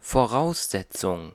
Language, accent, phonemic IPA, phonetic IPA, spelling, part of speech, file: German, Germany, /foˈʁaʊ̯sˌsɛt͡sʊŋ/, [foɐ̯ˈʁaʊ̯sˌsɛt͡sʊŋ], Voraussetzung, noun, De-Voraussetzung.ogg
- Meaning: 1. requirement, prerequisite 2. postulate, presupposition